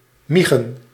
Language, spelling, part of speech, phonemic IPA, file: Dutch, miegen, verb, /ˈmiɣə(n)/, Nl-miegen.ogg
- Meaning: to urinate